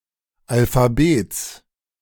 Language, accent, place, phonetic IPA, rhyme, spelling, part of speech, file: German, Germany, Berlin, [alfaˈbeːt͡s], -eːt͡s, Alphabets, noun, De-Alphabets.ogg
- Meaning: genitive singular of Alphabet